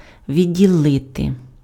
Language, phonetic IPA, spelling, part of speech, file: Ukrainian, [ʋʲidʲːiˈɫɪte], відділити, verb, Uk-відділити.ogg
- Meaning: 1. to separate, to detach, to disjoin 2. to divide